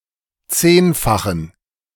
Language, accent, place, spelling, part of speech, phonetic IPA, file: German, Germany, Berlin, zehnfachen, adjective, [ˈt͡seːnfaxn̩], De-zehnfachen.ogg
- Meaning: inflection of zehnfach: 1. strong genitive masculine/neuter singular 2. weak/mixed genitive/dative all-gender singular 3. strong/weak/mixed accusative masculine singular 4. strong dative plural